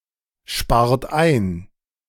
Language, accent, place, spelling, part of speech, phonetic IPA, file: German, Germany, Berlin, spart ein, verb, [ˌʃpaːɐ̯t ˈaɪ̯n], De-spart ein.ogg
- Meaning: inflection of einsparen: 1. second-person plural present 2. third-person singular present 3. plural imperative